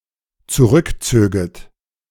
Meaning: second-person plural dependent subjunctive II of zurückziehen
- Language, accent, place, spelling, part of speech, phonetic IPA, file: German, Germany, Berlin, zurückzöget, verb, [t͡suˈʁʏkˌt͡søːɡət], De-zurückzöget.ogg